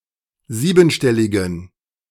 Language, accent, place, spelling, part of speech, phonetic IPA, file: German, Germany, Berlin, siebenstelligen, adjective, [ˈziːbn̩ˌʃtɛlɪɡn̩], De-siebenstelligen.ogg
- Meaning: inflection of siebenstellig: 1. strong genitive masculine/neuter singular 2. weak/mixed genitive/dative all-gender singular 3. strong/weak/mixed accusative masculine singular 4. strong dative plural